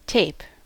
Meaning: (noun) 1. Flexible material in a roll with a sticky surface on one or both sides; adhesive tape 2. Thin and flat paper, plastic or similar flexible material, usually produced in the form of a roll
- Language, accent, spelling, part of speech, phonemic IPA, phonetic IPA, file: English, General American, tape, noun / verb, /teɪ̯p/, [tʰeɪ̯p], En-us-tape.ogg